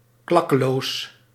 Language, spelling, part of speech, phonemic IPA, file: Dutch, klakkeloos, adverb, /ˈklɑkəlos/, Nl-klakkeloos.ogg
- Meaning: unthinkingly